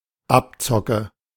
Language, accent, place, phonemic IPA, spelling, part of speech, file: German, Germany, Berlin, /ˈapˌt͡sɔkə/, Abzocke, noun, De-Abzocke.ogg
- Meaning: rip-off